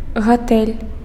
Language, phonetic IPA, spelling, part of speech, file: Belarusian, [ɣaˈtɛlʲ], гатэль, noun, Be-гатэль.ogg
- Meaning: hotel